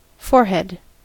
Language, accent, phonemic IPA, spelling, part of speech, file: English, US, /ˈfɔɹ.hɛd/, forehead, noun, En-us-forehead.ogg
- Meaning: 1. The part of the face above the eyebrows and below the hairline 2. confidence; audacity; impudence 3. The upper part of a mobile phone, above the screen